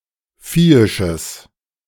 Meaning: strong/mixed nominative/accusative neuter singular of viehisch
- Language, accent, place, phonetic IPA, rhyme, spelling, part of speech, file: German, Germany, Berlin, [ˈfiːɪʃəs], -iːɪʃəs, viehisches, adjective, De-viehisches.ogg